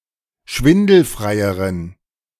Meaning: inflection of schwindelfrei: 1. strong genitive masculine/neuter singular comparative degree 2. weak/mixed genitive/dative all-gender singular comparative degree
- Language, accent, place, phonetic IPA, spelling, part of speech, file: German, Germany, Berlin, [ˈʃvɪndl̩fʁaɪ̯əʁən], schwindelfreieren, adjective, De-schwindelfreieren.ogg